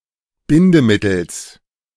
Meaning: genitive singular of Bindemittel
- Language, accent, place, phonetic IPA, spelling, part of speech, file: German, Germany, Berlin, [ˈbɪndəˌmɪtl̩s], Bindemittels, noun, De-Bindemittels.ogg